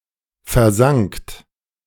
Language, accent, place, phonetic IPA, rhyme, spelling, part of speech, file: German, Germany, Berlin, [fɛɐ̯ˈzaŋkt], -aŋkt, versankt, verb, De-versankt.ogg
- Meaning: second-person plural preterite of versinken